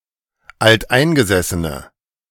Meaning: inflection of alteingesessen: 1. strong/mixed nominative/accusative feminine singular 2. strong nominative/accusative plural 3. weak nominative all-gender singular
- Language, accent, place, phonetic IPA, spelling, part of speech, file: German, Germany, Berlin, [altˈʔaɪ̯nɡəzɛsənə], alteingesessene, adjective, De-alteingesessene.ogg